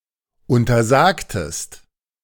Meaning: inflection of untersagen: 1. second-person singular preterite 2. second-person singular subjunctive II
- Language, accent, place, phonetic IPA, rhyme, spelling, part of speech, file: German, Germany, Berlin, [ˌʊntɐˈzaːktəst], -aːktəst, untersagtest, verb, De-untersagtest.ogg